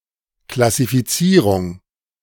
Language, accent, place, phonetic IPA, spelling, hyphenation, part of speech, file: German, Germany, Berlin, [klasifiˈtsiːʁʊŋ], Klassifizierung, Klas‧si‧fi‧zie‧rung, noun, De-Klassifizierung.ogg
- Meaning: classification